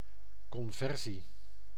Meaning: conversion (act or process of changing into another form or state)
- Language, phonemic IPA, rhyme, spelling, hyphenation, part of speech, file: Dutch, /ˌkɔnˈvɛr.si/, -ɛrsi, conversie, con‧ver‧sie, noun, Nl-conversie.ogg